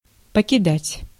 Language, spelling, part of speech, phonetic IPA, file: Russian, покидать, verb, [pəkʲɪˈdatʲ], Ru-покидать.ogg
- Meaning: 1. to leave, to quit, to forsake 2. to abandon, to desert 3. to throw, to cast